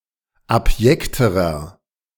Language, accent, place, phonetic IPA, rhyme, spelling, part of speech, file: German, Germany, Berlin, [apˈjɛktəʁɐ], -ɛktəʁɐ, abjekterer, adjective, De-abjekterer.ogg
- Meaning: inflection of abjekt: 1. strong/mixed nominative masculine singular comparative degree 2. strong genitive/dative feminine singular comparative degree 3. strong genitive plural comparative degree